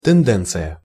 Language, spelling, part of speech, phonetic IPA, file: Russian, тенденция, noun, [tɨnˈdɛnt͡sɨjə], Ru-тенденция.ogg
- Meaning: tendency (likelihood of behaving in a particular way)